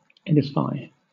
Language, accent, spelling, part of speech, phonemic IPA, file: English, Southern England, edify, verb, /ˈɛdɪfaɪ/, LL-Q1860 (eng)-edify.wav
- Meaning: 1. To build, construct 2. To instruct or improve morally or intellectually